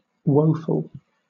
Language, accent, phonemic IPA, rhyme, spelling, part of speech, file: English, Southern England, /ˈwəʊfəl/, -əʊfəl, woeful, adjective, LL-Q1860 (eng)-woeful.wav
- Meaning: 1. Full of woe; sorrowful; distressed with grief or calamity 2. Bringing calamity, distress, or affliction 3. Lamentable, deplorable 4. Wretched; paltry; poor